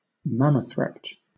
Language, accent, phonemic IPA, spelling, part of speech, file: English, Southern England, /ˈmaməθɹɛpt/, mammothrept, noun, LL-Q1860 (eng)-mammothrept.wav
- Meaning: A spoiled child